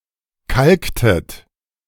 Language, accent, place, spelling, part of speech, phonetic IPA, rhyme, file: German, Germany, Berlin, kalktet, verb, [ˈkalktət], -alktət, De-kalktet.ogg
- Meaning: inflection of kalken: 1. second-person plural preterite 2. second-person plural subjunctive II